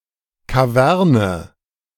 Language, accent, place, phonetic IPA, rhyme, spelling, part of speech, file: German, Germany, Berlin, [kaˈvɛʁnə], -ɛʁnə, Kaverne, noun, De-Kaverne.ogg
- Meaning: manmade cavern